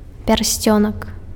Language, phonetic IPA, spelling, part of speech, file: Belarusian, [pʲarˈsʲt͡sʲonak], пярсцёнак, noun, Be-пярсцёнак.ogg
- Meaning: diminutive of пе́рсцень (pjérscjenʹ): (finger) ring